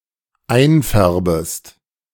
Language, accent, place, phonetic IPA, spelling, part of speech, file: German, Germany, Berlin, [ˈaɪ̯nˌfɛʁbəst], einfärbest, verb, De-einfärbest.ogg
- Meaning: second-person singular dependent subjunctive I of einfärben